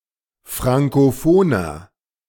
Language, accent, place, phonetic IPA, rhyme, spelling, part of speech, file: German, Germany, Berlin, [ˌfʁaŋkoˈfoːnɐ], -oːnɐ, frankophoner, adjective, De-frankophoner.ogg
- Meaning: inflection of frankophon: 1. strong/mixed nominative masculine singular 2. strong genitive/dative feminine singular 3. strong genitive plural